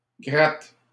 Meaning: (noun) guitar; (verb) inflection of gratter: 1. first/third-person singular present indicative/subjunctive 2. second-person singular imperative
- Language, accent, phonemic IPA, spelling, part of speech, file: French, Canada, /ɡʁat/, gratte, noun / verb, LL-Q150 (fra)-gratte.wav